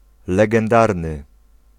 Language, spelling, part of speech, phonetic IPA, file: Polish, legendarny, adjective, [ˌlɛɡɛ̃nˈdarnɨ], Pl-legendarny.ogg